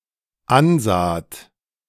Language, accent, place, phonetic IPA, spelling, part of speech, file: German, Germany, Berlin, [ˈanˌzaːt], ansaht, verb, De-ansaht.ogg
- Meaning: second-person plural dependent preterite of ansehen